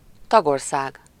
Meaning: member state
- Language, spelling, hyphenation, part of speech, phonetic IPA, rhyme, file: Hungarian, tagország, tag‧or‧szág, noun, [ˈtɒɡorsaːɡ], -aːɡ, Hu-tagország.ogg